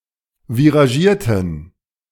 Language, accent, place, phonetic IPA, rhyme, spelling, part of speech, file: German, Germany, Berlin, [viʁaˈʒiːɐ̯tn̩], -iːɐ̯tn̩, viragierten, adjective, De-viragierten.ogg
- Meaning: inflection of viragiert: 1. strong genitive masculine/neuter singular 2. weak/mixed genitive/dative all-gender singular 3. strong/weak/mixed accusative masculine singular 4. strong dative plural